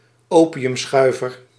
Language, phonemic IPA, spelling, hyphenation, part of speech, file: Dutch, /ˈoː.pi.ʏmˌsxœy̯.vər/, opiumschuiver, opi‧um‧schui‧ver, noun, Nl-opiumschuiver.ogg
- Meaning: an opium smoker